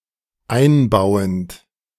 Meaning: present participle of einbauen
- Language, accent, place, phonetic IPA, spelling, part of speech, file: German, Germany, Berlin, [ˈaɪ̯nˌbaʊ̯ənt], einbauend, adjective / verb, De-einbauend.ogg